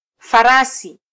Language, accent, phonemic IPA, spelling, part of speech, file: Swahili, Kenya, /fɑˈɾɑ.si/, farasi, noun, Sw-ke-farasi.flac
- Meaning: 1. horse 2. framework 3. knight